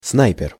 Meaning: 1. sniper 2. sharpshooter
- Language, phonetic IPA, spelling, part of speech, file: Russian, [ˈsnajpʲɪr], снайпер, noun, Ru-снайпер.ogg